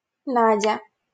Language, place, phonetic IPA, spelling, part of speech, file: Russian, Saint Petersburg, [ˈnadʲə], Надя, proper noun, LL-Q7737 (rus)-Надя.wav
- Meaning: a diminutive, Nadia, of the female given name Наде́жда (Nadéžda), equivalent to English Nadia